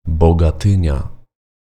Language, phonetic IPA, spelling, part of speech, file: Polish, [ˌbɔɡaˈtɨ̃ɲa], Bogatynia, proper noun, Pl-Bogatynia.ogg